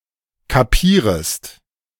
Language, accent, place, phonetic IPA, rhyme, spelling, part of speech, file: German, Germany, Berlin, [kaˈpiːʁəst], -iːʁəst, kapierest, verb, De-kapierest.ogg
- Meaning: second-person singular subjunctive I of kapieren